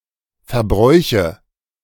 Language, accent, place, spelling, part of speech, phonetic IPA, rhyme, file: German, Germany, Berlin, Verbräuche, noun, [fɛɐ̯ˈbʁɔɪ̯çə], -ɔɪ̯çə, De-Verbräuche.ogg
- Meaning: nominative/accusative/genitive plural of Verbrauch